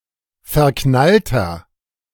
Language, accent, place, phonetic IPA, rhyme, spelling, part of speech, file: German, Germany, Berlin, [fɛɐ̯ˈknaltɐ], -altɐ, verknallter, adjective, De-verknallter.ogg
- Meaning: 1. comparative degree of verknallt 2. inflection of verknallt: strong/mixed nominative masculine singular 3. inflection of verknallt: strong genitive/dative feminine singular